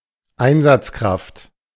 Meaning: 1. responder, a member of a rescue team 2. forces, emergency crew, personnel
- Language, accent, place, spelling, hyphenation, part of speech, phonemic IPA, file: German, Germany, Berlin, Einsatzkraft, Ein‧satz‧kraft, noun, /ˈaɪ̯nzatsˌkʁaft/, De-Einsatzkraft.ogg